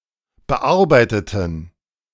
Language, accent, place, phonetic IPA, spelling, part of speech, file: German, Germany, Berlin, [bəˈʔaʁbaɪ̯tətn̩], bearbeiteten, adjective / verb, De-bearbeiteten.ogg
- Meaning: inflection of bearbeiten: 1. first/third-person plural preterite 2. first/third-person plural subjunctive II